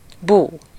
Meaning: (noun) sorrow, grief; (interjection) moo (the characteristic sound made by a cow)
- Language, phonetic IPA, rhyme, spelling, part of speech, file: Hungarian, [ˈbuː], -buː, bú, noun / interjection, Hu-bú.ogg